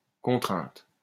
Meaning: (noun) 1. constraint 2. requirement, demand 3. stress; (verb) 1. third-person singular present indicative of contraindre 2. feminine singular of contraint
- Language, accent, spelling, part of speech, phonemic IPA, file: French, France, contrainte, noun / verb, /kɔ̃.tʁɛ̃t/, LL-Q150 (fra)-contrainte.wav